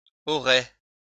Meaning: first/second-person singular conditional of avoir
- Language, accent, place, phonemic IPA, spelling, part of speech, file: French, France, Lyon, /ɔ.ʁɛ/, aurais, verb, LL-Q150 (fra)-aurais.wav